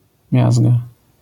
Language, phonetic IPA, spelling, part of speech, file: Polish, [ˈmʲjazɡa], miazga, noun, LL-Q809 (pol)-miazga.wav